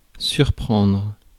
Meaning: 1. to surprise 2. to catch out 3. to overhear, to discover, to spot (an action or secret someone is trying to hide)
- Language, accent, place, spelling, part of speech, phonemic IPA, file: French, France, Paris, surprendre, verb, /syʁ.pʁɑ̃dʁ/, Fr-surprendre.ogg